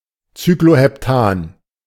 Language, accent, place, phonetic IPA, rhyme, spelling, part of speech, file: German, Germany, Berlin, [t͡syklohɛpˈtaːn], -aːn, Cycloheptan, noun, De-Cycloheptan.ogg
- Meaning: cycloheptane